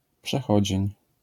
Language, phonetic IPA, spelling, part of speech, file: Polish, [pʃɛˈxɔd͡ʑɛ̇̃ɲ], przechodzień, noun, LL-Q809 (pol)-przechodzień.wav